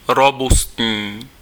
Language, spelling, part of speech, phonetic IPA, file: Czech, robustní, adjective, [ˈrobustɲiː], Cs-robustní.ogg
- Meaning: robust